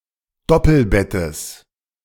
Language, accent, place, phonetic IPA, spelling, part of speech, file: German, Germany, Berlin, [ˈdɔpl̩ˌbɛtəs], Doppelbettes, noun, De-Doppelbettes.ogg
- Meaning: genitive singular of Doppelbett